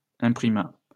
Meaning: third-person singular past historic of imprimer
- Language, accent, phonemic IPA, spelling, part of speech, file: French, France, /ɛ̃.pʁi.ma/, imprima, verb, LL-Q150 (fra)-imprima.wav